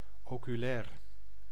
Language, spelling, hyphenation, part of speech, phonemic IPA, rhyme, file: Dutch, oculair, ocu‧lair, adjective / noun, /ˌoː.kyˈlɛːr/, -ɛːr, Nl-oculair.ogg
- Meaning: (adjective) ocular (of the eye); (noun) eyepiece, ocular